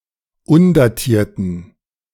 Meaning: inflection of undatiert: 1. strong genitive masculine/neuter singular 2. weak/mixed genitive/dative all-gender singular 3. strong/weak/mixed accusative masculine singular 4. strong dative plural
- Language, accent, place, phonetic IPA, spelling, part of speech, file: German, Germany, Berlin, [ˈʊndaˌtiːɐ̯tn̩], undatierten, adjective, De-undatierten.ogg